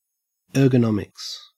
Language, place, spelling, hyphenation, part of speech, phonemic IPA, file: English, Queensland, ergonomics, er‧go‧no‧mics, noun, /ˌɜː.ɡəˈnɔm.ɪks/, En-au-ergonomics.ogg
- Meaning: 1. The science of the design of equipment, especially so as to reduce operator fatigue, discomfort and injury 2. Political economy